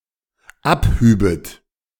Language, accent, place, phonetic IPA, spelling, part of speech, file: German, Germany, Berlin, [ˈapˌhyːbət], abhübet, verb, De-abhübet.ogg
- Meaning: second-person plural dependent subjunctive II of abheben